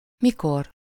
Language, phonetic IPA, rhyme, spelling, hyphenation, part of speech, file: Hungarian, [ˈmikor], -or, mikor, mi‧kor, adverb, Hu-mikor.ogg
- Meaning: 1. when? at what time? 2. alternative form of amikor